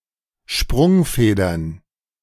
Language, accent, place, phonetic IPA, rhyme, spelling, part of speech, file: German, Germany, Berlin, [ˈʃpʁʊŋˌfeːdɐn], -ʊŋfeːdɐn, Sprungfedern, noun, De-Sprungfedern.ogg
- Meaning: plural of Sprungfeder